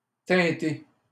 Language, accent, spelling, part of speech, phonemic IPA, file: French, Canada, teinter, verb, /tɛ̃.te/, LL-Q150 (fra)-teinter.wav
- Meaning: to tint; to color